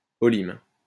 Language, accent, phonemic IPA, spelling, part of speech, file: French, France, /ɔ.lim/, olim, noun, LL-Q150 (fra)-olim.wav
- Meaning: the records of judgments rendered by the king's court during the reigns of St. Louis, Philip the Bold, Philip the Fair, Louis the Hutin, and Philip the Long